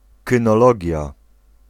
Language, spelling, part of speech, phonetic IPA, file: Polish, kynologia, noun, [ˌkɨ̃nɔˈlɔɟja], Pl-kynologia.ogg